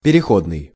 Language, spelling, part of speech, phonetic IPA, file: Russian, переходный, adjective, [pʲɪrʲɪˈxodnɨj], Ru-переходный.ogg
- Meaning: 1. transitional, transition 2. transitive